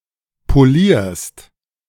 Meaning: second-person singular present of polieren
- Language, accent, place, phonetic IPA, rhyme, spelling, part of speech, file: German, Germany, Berlin, [poˈliːɐ̯st], -iːɐ̯st, polierst, verb, De-polierst.ogg